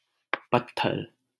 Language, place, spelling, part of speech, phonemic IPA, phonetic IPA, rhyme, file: Hindi, Delhi, पत्थर, noun, /pət̪.t̪ʰəɾ/, [pɐt̪̚.t̪ʰɐɾ], -əɾ, LL-Q1568 (hin)-पत्थर.wav
- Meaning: stone, rock